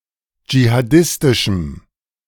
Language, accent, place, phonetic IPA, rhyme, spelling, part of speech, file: German, Germany, Berlin, [d͡ʒihaˈdɪstɪʃm̩], -ɪstɪʃm̩, jihadistischem, adjective, De-jihadistischem.ogg
- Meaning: strong dative masculine/neuter singular of jihadistisch